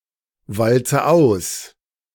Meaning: inflection of auswalzen: 1. first-person singular present 2. first/third-person singular subjunctive I 3. singular imperative
- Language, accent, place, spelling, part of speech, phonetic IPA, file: German, Germany, Berlin, walze aus, verb, [ˌvalt͡sə ˈaʊ̯s], De-walze aus.ogg